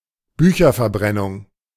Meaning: book burning
- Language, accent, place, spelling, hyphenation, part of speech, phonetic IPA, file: German, Germany, Berlin, Bücherverbrennung, Bü‧cher‧ver‧bren‧nung, noun, [ˈbyːçɐfɛɐ̯ˌbʀɛnʊŋ], De-Bücherverbrennung.ogg